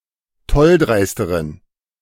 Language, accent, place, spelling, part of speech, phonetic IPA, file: German, Germany, Berlin, tolldreisteren, adjective, [ˈtɔlˌdʁaɪ̯stəʁən], De-tolldreisteren.ogg
- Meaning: inflection of tolldreist: 1. strong genitive masculine/neuter singular comparative degree 2. weak/mixed genitive/dative all-gender singular comparative degree